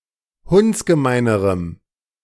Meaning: strong dative masculine/neuter singular comparative degree of hundsgemein
- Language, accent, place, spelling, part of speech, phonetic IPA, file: German, Germany, Berlin, hundsgemeinerem, adjective, [ˈhʊnt͡sɡəˌmaɪ̯nəʁəm], De-hundsgemeinerem.ogg